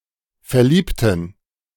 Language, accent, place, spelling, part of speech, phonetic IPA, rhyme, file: German, Germany, Berlin, verliebten, adjective / verb, [fɛɐ̯ˈliːptn̩], -iːptn̩, De-verliebten.ogg
- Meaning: inflection of verlieben: 1. first/third-person plural preterite 2. first/third-person plural subjunctive II